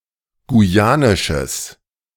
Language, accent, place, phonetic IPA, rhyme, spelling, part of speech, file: German, Germany, Berlin, [ɡuˈjaːnɪʃəs], -aːnɪʃəs, guyanisches, adjective, De-guyanisches.ogg
- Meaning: strong/mixed nominative/accusative neuter singular of guyanisch